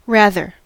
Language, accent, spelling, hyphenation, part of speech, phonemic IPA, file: English, US, rather, rath‧er, adverb / adjective / interjection / noun / verb, /ˈɹæðɚ/, En-us-rather.ogg
- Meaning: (adverb) 1. Used to specify a choice or preference; preferably, in preference to. (Now usually followed by than) 2. Used to introduce a contradiction; on the contrary